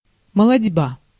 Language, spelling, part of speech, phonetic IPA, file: Russian, молотьба, noun, [məɫɐdʲˈba], Ru-молотьба.ogg
- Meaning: threshing